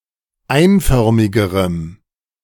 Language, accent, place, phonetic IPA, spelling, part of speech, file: German, Germany, Berlin, [ˈaɪ̯nˌfœʁmɪɡəʁəm], einförmigerem, adjective, De-einförmigerem.ogg
- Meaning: strong dative masculine/neuter singular comparative degree of einförmig